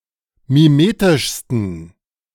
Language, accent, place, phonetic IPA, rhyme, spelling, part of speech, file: German, Germany, Berlin, [miˈmeːtɪʃstn̩], -eːtɪʃstn̩, mimetischsten, adjective, De-mimetischsten.ogg
- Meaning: 1. superlative degree of mimetisch 2. inflection of mimetisch: strong genitive masculine/neuter singular superlative degree